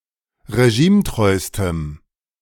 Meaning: strong dative masculine/neuter singular superlative degree of regimetreu
- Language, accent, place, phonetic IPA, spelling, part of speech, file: German, Germany, Berlin, [ʁeˈʒiːmˌtʁɔɪ̯stəm], regimetreustem, adjective, De-regimetreustem.ogg